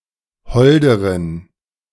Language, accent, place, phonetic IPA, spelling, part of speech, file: German, Germany, Berlin, [ˈhɔldəʁən], holderen, adjective, De-holderen.ogg
- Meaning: inflection of hold: 1. strong genitive masculine/neuter singular comparative degree 2. weak/mixed genitive/dative all-gender singular comparative degree